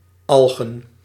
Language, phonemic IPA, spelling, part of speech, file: Dutch, /ˈɑlɣə(n)/, algen, noun, Nl-algen.ogg
- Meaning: plural of alg